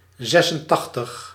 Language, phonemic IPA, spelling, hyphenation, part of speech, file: Dutch, /ˈzɛs.ənˌtɑx.təx/, zesentachtig, zes‧en‧tach‧tig, numeral, Nl-zesentachtig.ogg
- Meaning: eighty-six